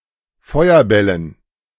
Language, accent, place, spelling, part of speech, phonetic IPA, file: German, Germany, Berlin, Feuerbällen, noun, [ˈfɔɪ̯ɐˌbɛlən], De-Feuerbällen.ogg
- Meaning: dative plural of Feuerball